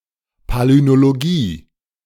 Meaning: palynology (study of spores, pollen etc.)
- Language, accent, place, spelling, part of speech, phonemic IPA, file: German, Germany, Berlin, Palynologie, noun, /paːlinoːloˈɡiː/, De-Palynologie.ogg